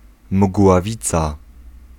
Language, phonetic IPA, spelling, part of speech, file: Polish, [mɡwaˈvʲit͡sa], mgławica, noun, Pl-mgławica.ogg